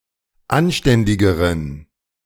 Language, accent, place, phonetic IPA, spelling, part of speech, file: German, Germany, Berlin, [ˈanˌʃtɛndɪɡəʁən], anständigeren, adjective, De-anständigeren.ogg
- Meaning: inflection of anständig: 1. strong genitive masculine/neuter singular comparative degree 2. weak/mixed genitive/dative all-gender singular comparative degree